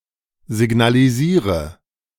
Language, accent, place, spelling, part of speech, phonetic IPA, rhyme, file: German, Germany, Berlin, signalisiere, verb, [zɪɡnaliˈziːʁə], -iːʁə, De-signalisiere.ogg
- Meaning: inflection of signalisieren: 1. first-person singular present 2. singular imperative 3. first/third-person singular subjunctive I